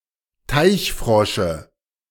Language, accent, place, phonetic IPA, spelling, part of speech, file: German, Germany, Berlin, [ˈtaɪ̯çˌfʁɔʃə], Teichfrosche, noun, De-Teichfrosche.ogg
- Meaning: dative of Teichfrosch